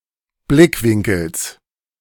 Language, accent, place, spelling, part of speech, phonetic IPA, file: German, Germany, Berlin, Blickwinkels, noun, [ˈblɪkˌvɪŋkl̩s], De-Blickwinkels.ogg
- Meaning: genitive singular of Blickwinkel